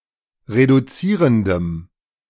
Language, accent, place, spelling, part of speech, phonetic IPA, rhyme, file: German, Germany, Berlin, reduzierendem, adjective, [ʁeduˈt͡siːʁəndəm], -iːʁəndəm, De-reduzierendem.ogg
- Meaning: strong dative masculine/neuter singular of reduzierend